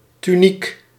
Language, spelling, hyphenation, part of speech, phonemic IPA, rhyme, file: Dutch, tuniek, tu‧niek, noun, /tyˈnik/, -ik, Nl-tuniek.ogg
- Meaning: tunic: 1. a sports uniform 2. a long women's overgarment similar to a long shirt or sweater or a short dress 3. a short overgarment, often one worn as part of a uniform